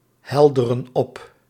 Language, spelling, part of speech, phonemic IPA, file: Dutch, helderen op, verb, /ˈhɛldərə(n) ˈɔp/, Nl-helderen op.ogg
- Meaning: inflection of ophelderen: 1. plural present indicative 2. plural present subjunctive